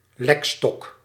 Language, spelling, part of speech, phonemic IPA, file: Dutch, lekstok, noun, /ˈlɛkstɔk/, Nl-lekstok.ogg
- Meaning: lolly